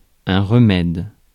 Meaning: remedy
- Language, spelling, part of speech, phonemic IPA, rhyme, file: French, remède, noun, /ʁə.mɛd/, -ɛd, Fr-remède.ogg